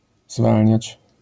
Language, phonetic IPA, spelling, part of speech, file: Polish, [ˈzvalʲɲät͡ɕ], zwalniać, verb, LL-Q809 (pol)-zwalniać.wav